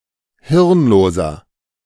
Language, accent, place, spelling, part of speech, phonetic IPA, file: German, Germany, Berlin, hirnloser, adjective, [ˈhɪʁnˌloːzɐ], De-hirnloser.ogg
- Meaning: 1. comparative degree of hirnlos 2. inflection of hirnlos: strong/mixed nominative masculine singular 3. inflection of hirnlos: strong genitive/dative feminine singular